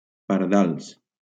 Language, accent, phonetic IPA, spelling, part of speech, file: Catalan, Valencia, [paɾˈðals], pardals, noun, LL-Q7026 (cat)-pardals.wav
- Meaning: plural of pardal